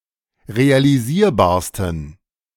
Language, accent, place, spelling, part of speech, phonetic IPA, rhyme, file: German, Germany, Berlin, realisierbarsten, adjective, [ʁealiˈziːɐ̯baːɐ̯stn̩], -iːɐ̯baːɐ̯stn̩, De-realisierbarsten.ogg
- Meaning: 1. superlative degree of realisierbar 2. inflection of realisierbar: strong genitive masculine/neuter singular superlative degree